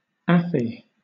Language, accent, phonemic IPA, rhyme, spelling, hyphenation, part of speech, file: English, Southern England, /ˈæfi/, -æfi, affy, af‧fy, noun, LL-Q1860 (eng)-affy.wav
- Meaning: An affidavit to be signed by a contest winner to confirm eligibility